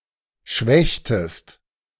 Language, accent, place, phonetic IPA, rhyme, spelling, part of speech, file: German, Germany, Berlin, [ˈʃvɛçtəst], -ɛçtəst, schwächtest, verb, De-schwächtest.ogg
- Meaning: inflection of schwächen: 1. second-person singular preterite 2. second-person singular subjunctive II